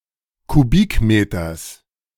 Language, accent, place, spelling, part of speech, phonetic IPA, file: German, Germany, Berlin, Kubikmeters, noun, [kuˈbiːkˌmeːtɐs], De-Kubikmeters.ogg
- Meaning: genitive singular of Kubikmeter